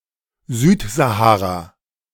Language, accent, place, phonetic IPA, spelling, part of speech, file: German, Germany, Berlin, [ˈzyːtzaˌhaːʁa], Südsahara, proper noun, De-Südsahara.ogg
- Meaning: southern Sahara